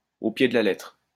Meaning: to the letter, literally
- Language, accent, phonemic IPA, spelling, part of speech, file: French, France, /o pje d(ə) la lɛtʁ/, au pied de la lettre, adverb, LL-Q150 (fra)-au pied de la lettre.wav